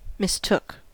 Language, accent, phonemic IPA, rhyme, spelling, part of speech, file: English, US, /mɪsˈtʊk/, -ʊk, mistook, verb, En-us-mistook.ogg
- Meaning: 1. simple past of mistake 2. past participle of mistake